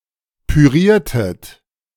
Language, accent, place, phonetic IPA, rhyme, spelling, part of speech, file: German, Germany, Berlin, [pyˈʁiːɐ̯tət], -iːɐ̯tət, püriertet, verb, De-püriertet.ogg
- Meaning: inflection of pürieren: 1. second-person plural preterite 2. second-person plural subjunctive II